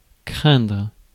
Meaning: 1. to fear 2. to suck (to be unwanted or bad)
- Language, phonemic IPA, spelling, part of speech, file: French, /kʁɛ̃dʁ/, craindre, verb, Fr-craindre.ogg